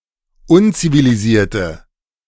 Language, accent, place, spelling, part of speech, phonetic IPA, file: German, Germany, Berlin, unzivilisierte, adjective, [ˈʊnt͡siviliˌziːɐ̯tə], De-unzivilisierte.ogg
- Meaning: inflection of unzivilisiert: 1. strong/mixed nominative/accusative feminine singular 2. strong nominative/accusative plural 3. weak nominative all-gender singular